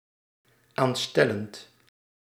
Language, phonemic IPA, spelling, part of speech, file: Dutch, /ˈanstɛlənt/, aanstellend, verb, Nl-aanstellend.ogg
- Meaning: present participle of aanstellen